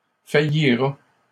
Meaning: third-person singular simple future of faillir
- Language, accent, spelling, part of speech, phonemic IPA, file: French, Canada, faillira, verb, /fa.ji.ʁa/, LL-Q150 (fra)-faillira.wav